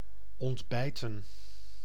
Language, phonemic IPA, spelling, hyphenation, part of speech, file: Dutch, /ˌɔntˈbɛi̯.tə(n)/, ontbijten, ont‧bij‧ten, verb, Nl-ontbijten.ogg
- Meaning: to breakfast, have breakfast